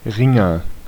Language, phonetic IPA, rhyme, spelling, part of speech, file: German, [ˈʁɪŋɐ], -ɪŋɐ, Ringer, noun / proper noun, De-Ringer.ogg
- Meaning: wrestler